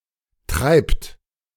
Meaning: inflection of treiben: 1. third-person singular present 2. second-person plural present 3. plural imperative
- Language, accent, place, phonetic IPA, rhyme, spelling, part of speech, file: German, Germany, Berlin, [tʁaɪ̯pt], -aɪ̯pt, treibt, verb, De-treibt.ogg